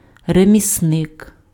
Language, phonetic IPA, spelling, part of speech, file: Ukrainian, [remʲisˈnɪk], ремісник, noun, Uk-ремісник.ogg
- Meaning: artisan